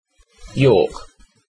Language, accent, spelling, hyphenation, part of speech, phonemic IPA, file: English, UK, York, York, proper noun / noun, /jɔːk/, En-uk-York.ogg
- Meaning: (proper noun) A placename: 1. A town and local government area (the Shire of York), in the Wheatbelt region, Western Australia 2. A coastal town in Sierra Leone